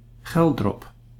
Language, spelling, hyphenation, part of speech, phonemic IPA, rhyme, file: Dutch, Geldrop, Gel‧drop, proper noun, /ˈɣɛl.drɔp/, -ɛldrɔp, Nl-Geldrop.ogg
- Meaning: a village and former municipality of Geldrop-Mierlo, North Brabant, Netherlands